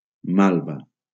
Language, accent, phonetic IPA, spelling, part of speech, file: Catalan, Valencia, [ˈmal.va], malva, noun, LL-Q7026 (cat)-malva.wav
- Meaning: 1. mallow 2. mauve